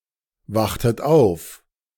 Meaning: inflection of aufwachen: 1. second-person plural preterite 2. second-person plural subjunctive II
- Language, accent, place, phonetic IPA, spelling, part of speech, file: German, Germany, Berlin, [ˌvaxtət ˈaʊ̯f], wachtet auf, verb, De-wachtet auf.ogg